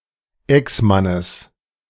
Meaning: genitive of Exmann
- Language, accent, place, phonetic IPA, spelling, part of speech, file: German, Germany, Berlin, [ˈɛksˌmanəs], Exmannes, noun, De-Exmannes.ogg